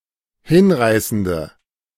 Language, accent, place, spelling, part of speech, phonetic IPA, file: German, Germany, Berlin, hinreißende, adjective, [ˈhɪnˌʁaɪ̯sn̩də], De-hinreißende.ogg
- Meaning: inflection of hinreißend: 1. strong/mixed nominative/accusative feminine singular 2. strong nominative/accusative plural 3. weak nominative all-gender singular